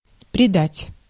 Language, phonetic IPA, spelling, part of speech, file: Russian, [prʲɪˈdatʲ], предать, verb, Ru-предать.ogg
- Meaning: 1. to betray 2. to expose, to subject, to commit, to hand over, to put